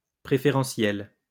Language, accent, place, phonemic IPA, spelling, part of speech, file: French, France, Lyon, /pʁe.fe.ʁɑ̃.sjɛl/, préférentiel, adjective, LL-Q150 (fra)-préférentiel.wav
- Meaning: preferential (related to preference)